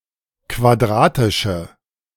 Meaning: inflection of quadratisch: 1. strong/mixed nominative/accusative feminine singular 2. strong nominative/accusative plural 3. weak nominative all-gender singular
- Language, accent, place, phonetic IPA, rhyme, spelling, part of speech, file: German, Germany, Berlin, [kvaˈdʁaːtɪʃə], -aːtɪʃə, quadratische, adjective, De-quadratische.ogg